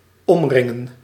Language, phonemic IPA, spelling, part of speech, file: Dutch, /ɔmˈrɪ.ŋə(n)/, omringen, verb, Nl-omringen.ogg
- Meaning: to surround